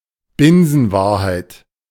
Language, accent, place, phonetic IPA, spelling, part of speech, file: German, Germany, Berlin, [ˈbɪnzn̩ˌvaːɐ̯haɪ̯t], Binsenwahrheit, noun, De-Binsenwahrheit.ogg
- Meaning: synonym of Binsenweisheit